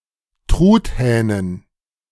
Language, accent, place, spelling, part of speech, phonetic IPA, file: German, Germany, Berlin, Truthähnen, noun, [ˈtʁuːtˌhɛːnən], De-Truthähnen.ogg
- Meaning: dative plural of Truthahn